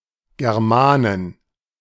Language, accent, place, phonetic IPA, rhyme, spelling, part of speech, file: German, Germany, Berlin, [ɡɛʁˈmaːnən], -aːnən, Germanen, noun, De-Germanen.ogg
- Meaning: plural of Germane